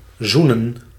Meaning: 1. to kiss 2. to reconcile
- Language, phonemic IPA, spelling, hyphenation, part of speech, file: Dutch, /ˈzu.nə(n)/, zoenen, zoe‧nen, verb, Nl-zoenen.ogg